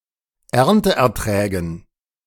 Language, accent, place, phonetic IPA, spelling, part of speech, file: German, Germany, Berlin, [ˈɛʁntəʔɛɐ̯ˌtʁɛːɡn̩], Ernteerträgen, noun, De-Ernteerträgen.ogg
- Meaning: dative plural of Ernteertrag